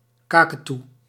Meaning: cockatoo, parrot of the family Cacatuidae
- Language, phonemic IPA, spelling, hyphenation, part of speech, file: Dutch, /ˈkɑ.kəˌtu/, kaketoe, ka‧ke‧toe, noun, Nl-kaketoe.ogg